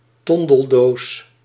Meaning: tinderbox (container and fire-making tool)
- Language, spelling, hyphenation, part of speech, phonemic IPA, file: Dutch, tondeldoos, ton‧del‧doos, noun, /ˈtɔn.dəlˌdoːs/, Nl-tondeldoos.ogg